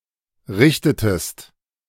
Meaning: inflection of richten: 1. second-person singular preterite 2. second-person singular subjunctive II
- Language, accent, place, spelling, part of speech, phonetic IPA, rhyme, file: German, Germany, Berlin, richtetest, verb, [ˈʁɪçtətəst], -ɪçtətəst, De-richtetest.ogg